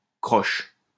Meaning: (adjective) 1. hooked; curved 2. crooked; not straight as it should be 3. crooked; dishonest or of otherwise dubious morality; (noun) an eighth note or quaver
- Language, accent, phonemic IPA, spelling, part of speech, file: French, France, /kʁɔʃ/, croche, adjective / noun, LL-Q150 (fra)-croche.wav